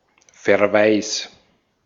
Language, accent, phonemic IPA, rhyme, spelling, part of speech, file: German, Austria, /fɛɐ̯ˈvaɪ̯s/, -aɪ̯s, Verweis, noun, De-at-Verweis.ogg
- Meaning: 1. reference 2. reprimand